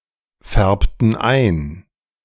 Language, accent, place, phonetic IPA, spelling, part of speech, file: German, Germany, Berlin, [ˌfɛʁptn̩ ˈaɪ̯n], färbten ein, verb, De-färbten ein.ogg
- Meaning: inflection of einfärben: 1. first/third-person plural preterite 2. first/third-person plural subjunctive II